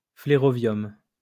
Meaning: flerovium
- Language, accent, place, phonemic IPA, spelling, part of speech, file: French, France, Lyon, /fle.ʁɔ.vjɔm/, flérovium, noun, LL-Q150 (fra)-flérovium.wav